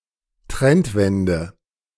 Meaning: turnaround (in the economy)
- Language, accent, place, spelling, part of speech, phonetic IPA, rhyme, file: German, Germany, Berlin, Trendwende, noun, [ˈtʁɛntˌvɛndə], -ɛntvɛndə, De-Trendwende.ogg